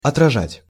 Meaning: 1. to repel, to ward off, to refute, to parry 2. to reflect, to mirror
- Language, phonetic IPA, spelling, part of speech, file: Russian, [ɐtrɐˈʐatʲ], отражать, verb, Ru-отражать.ogg